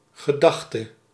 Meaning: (noun) thought, idea; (verb) singular past subjunctive of gedenken
- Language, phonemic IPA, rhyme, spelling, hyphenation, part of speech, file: Dutch, /ɣəˈdɑx.tə/, -ɑxtə, gedachte, ge‧dach‧te, noun / verb, Nl-gedachte.ogg